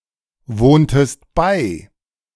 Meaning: inflection of beiwohnen: 1. second-person singular preterite 2. second-person singular subjunctive II
- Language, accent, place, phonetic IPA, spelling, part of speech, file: German, Germany, Berlin, [ˌvoːntəst ˈbaɪ̯], wohntest bei, verb, De-wohntest bei.ogg